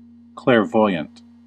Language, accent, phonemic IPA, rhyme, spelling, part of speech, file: English, US, /ˌklɛɹˈvɔɪ.ənt/, -ɔɪənt, clairvoyant, adjective / noun, En-us-clairvoyant.ogg
- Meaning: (adjective) 1. Of, relating to, or having clairvoyance 2. Able to see things that cannot be perceived by the normal senses 3. Able to foresee the future 4. Having great insight; sagacious